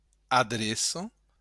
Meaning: 1. address 2. skill, ability
- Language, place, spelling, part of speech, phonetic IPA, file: Occitan, Béarn, adreça, noun, [aˈðɾeso], LL-Q14185 (oci)-adreça.wav